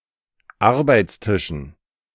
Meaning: dative plural of Arbeitstisch
- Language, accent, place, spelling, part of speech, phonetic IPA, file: German, Germany, Berlin, Arbeitstischen, noun, [ˈaʁbaɪ̯t͡sˌtɪʃn̩], De-Arbeitstischen.ogg